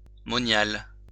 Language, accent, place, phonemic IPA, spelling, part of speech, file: French, France, Lyon, /mɔ.njal/, moniale, noun, LL-Q150 (fra)-moniale.wav
- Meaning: monial